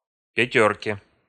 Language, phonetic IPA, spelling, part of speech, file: Russian, [pʲɪˈtʲɵrkʲe], пятёрке, noun, Ru-пятёрке.ogg
- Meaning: dative/prepositional singular of пятёрка (pjatjórka)